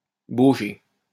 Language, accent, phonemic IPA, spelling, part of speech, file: French, France, /bo.ʒe/, bauger, verb, LL-Q150 (fra)-bauger.wav
- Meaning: to wallow